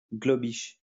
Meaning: Globish
- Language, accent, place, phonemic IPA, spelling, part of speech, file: French, France, Lyon, /ɡlɔ.biʃ/, globish, noun, LL-Q150 (fra)-globish.wav